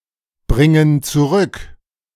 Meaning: inflection of zurückbringen: 1. first/third-person plural present 2. first/third-person plural subjunctive I
- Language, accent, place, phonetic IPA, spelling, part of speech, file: German, Germany, Berlin, [ˌbʁɪŋən t͡suˈʁʏk], bringen zurück, verb, De-bringen zurück.ogg